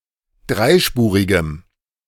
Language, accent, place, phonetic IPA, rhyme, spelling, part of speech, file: German, Germany, Berlin, [ˈdʁaɪ̯ˌʃpuːʁɪɡəm], -aɪ̯ʃpuːʁɪɡəm, dreispurigem, adjective, De-dreispurigem.ogg
- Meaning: strong dative masculine/neuter singular of dreispurig